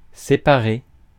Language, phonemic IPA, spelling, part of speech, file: French, /se.pa.ʁe/, séparé, verb, Fr-séparé.ogg
- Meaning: past participle of séparer